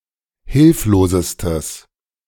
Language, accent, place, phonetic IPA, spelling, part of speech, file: German, Germany, Berlin, [ˈhɪlfloːzəstəs], hilflosestes, adjective, De-hilflosestes.ogg
- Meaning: strong/mixed nominative/accusative neuter singular superlative degree of hilflos